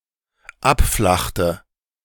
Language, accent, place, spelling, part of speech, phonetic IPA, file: German, Germany, Berlin, abflachte, verb, [ˈapˌflaxtə], De-abflachte.ogg
- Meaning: inflection of abflachen: 1. first/third-person singular dependent preterite 2. first/third-person singular dependent subjunctive II